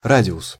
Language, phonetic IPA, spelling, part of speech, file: Russian, [ˈradʲɪʊs], радиус, noun, Ru-радиус.ogg
- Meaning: radius (line segment)